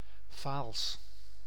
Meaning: a village and municipality of Limburg, Netherlands
- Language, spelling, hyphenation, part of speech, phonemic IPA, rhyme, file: Dutch, Vaals, Vaals, proper noun, /vaːls/, -aːls, Nl-Vaals.ogg